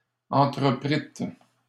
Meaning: second-person plural past historic of entreprendre
- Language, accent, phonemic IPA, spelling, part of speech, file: French, Canada, /ɑ̃.tʁə.pʁit/, entreprîtes, verb, LL-Q150 (fra)-entreprîtes.wav